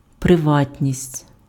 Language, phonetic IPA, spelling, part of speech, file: Ukrainian, [preˈʋatʲnʲisʲtʲ], приватність, noun, Uk-приватність.ogg
- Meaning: privacy